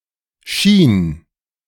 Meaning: first/third-person singular preterite of scheinen
- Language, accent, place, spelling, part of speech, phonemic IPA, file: German, Germany, Berlin, schien, verb, /ʃiːn/, De-schien.ogg